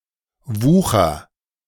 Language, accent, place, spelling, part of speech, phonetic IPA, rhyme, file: German, Germany, Berlin, wucher, verb, [ˈvuːxɐ], -uːxɐ, De-wucher.ogg
- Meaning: inflection of wuchern: 1. first-person singular present 2. singular imperative